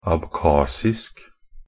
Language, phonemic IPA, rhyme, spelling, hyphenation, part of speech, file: Norwegian Bokmål, /abˈkɑːsɪsk/, -ɪsk, abkhasisk, ab‧khas‧isk, adjective / noun, NB - Pronunciation of Norwegian Bokmål «abkhasisk».ogg
- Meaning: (adjective) Abkhazian (of or pertaining to Abkhazia, its people, or language); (noun) Abkhaz, Abkhazian (a Northwest Caucasian language spoken in Abkhazia)